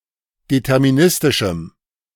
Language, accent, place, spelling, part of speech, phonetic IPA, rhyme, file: German, Germany, Berlin, deterministischem, adjective, [dɛtɛʁmiˈnɪstɪʃm̩], -ɪstɪʃm̩, De-deterministischem.ogg
- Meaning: strong dative masculine/neuter singular of deterministisch